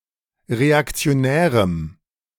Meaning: strong dative masculine/neuter singular of reaktionär
- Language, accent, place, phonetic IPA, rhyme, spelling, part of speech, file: German, Germany, Berlin, [ʁeakt͡si̯oˈnɛːʁəm], -ɛːʁəm, reaktionärem, adjective, De-reaktionärem.ogg